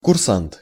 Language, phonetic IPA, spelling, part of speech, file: Russian, [kʊrˈsant], курсант, noun, Ru-курсант.ogg
- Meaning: cadet (a student at a military school who is training to be an officer)